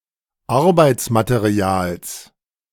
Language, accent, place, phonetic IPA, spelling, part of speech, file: German, Germany, Berlin, [ˈaʁbaɪ̯tsmateˌʁi̯aːls], Arbeitsmaterials, noun, De-Arbeitsmaterials.ogg
- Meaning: genitive singular of Arbeitsmaterial